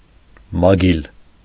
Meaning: claw, talon
- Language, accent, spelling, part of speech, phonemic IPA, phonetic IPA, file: Armenian, Eastern Armenian, մագիլ, noun, /mɑˈɡil/, [mɑɡíl], Hy-մագիլ.ogg